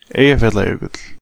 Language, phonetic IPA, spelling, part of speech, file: Icelandic, [ˈeijaˌfjatlaˌjœːkʏtl̥], Eyjafjallajökull, proper noun, Is-Eyjafjallajökull (2).oga
- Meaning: Eyjafjallajökull (glacier and volcano in Iceland)